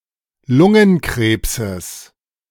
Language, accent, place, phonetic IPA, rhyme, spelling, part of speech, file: German, Germany, Berlin, [ˈlʊŋənˌkʁeːpsəs], -ʊŋənkʁeːpsəs, Lungenkrebses, noun, De-Lungenkrebses.ogg
- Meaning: genitive singular of Lungenkrebs